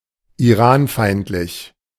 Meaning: anti-Iranian
- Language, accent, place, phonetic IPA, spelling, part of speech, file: German, Germany, Berlin, [iˈʁaːnˌfaɪ̯ntlɪç], iranfeindlich, adjective, De-iranfeindlich.ogg